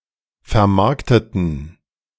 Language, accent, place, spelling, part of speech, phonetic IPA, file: German, Germany, Berlin, vermarkteten, adjective / verb, [fɛɐ̯ˈmaʁktətn̩], De-vermarkteten.ogg
- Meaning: inflection of vermarkten: 1. first/third-person plural preterite 2. first/third-person plural subjunctive II